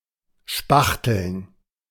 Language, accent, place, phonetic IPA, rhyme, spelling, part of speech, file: German, Germany, Berlin, [ˈʃpaxtl̩n], -axtl̩n, spachteln, verb, De-spachteln.ogg
- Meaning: 1. to apply paint or plaster 2. to eat